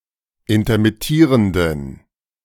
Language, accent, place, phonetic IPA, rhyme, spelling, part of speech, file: German, Germany, Berlin, [intɐmɪˈtiːʁəndn̩], -iːʁəndn̩, intermittierenden, adjective, De-intermittierenden.ogg
- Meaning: inflection of intermittierend: 1. strong genitive masculine/neuter singular 2. weak/mixed genitive/dative all-gender singular 3. strong/weak/mixed accusative masculine singular 4. strong dative plural